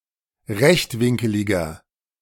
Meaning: inflection of rechtwinkelig: 1. strong/mixed nominative masculine singular 2. strong genitive/dative feminine singular 3. strong genitive plural
- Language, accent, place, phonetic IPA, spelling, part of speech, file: German, Germany, Berlin, [ˈʁɛçtˌvɪŋkəlɪɡɐ], rechtwinkeliger, adjective, De-rechtwinkeliger.ogg